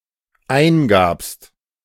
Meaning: second-person singular dependent preterite of eingeben
- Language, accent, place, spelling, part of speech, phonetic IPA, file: German, Germany, Berlin, eingabst, verb, [ˈaɪ̯nˌɡaːpst], De-eingabst.ogg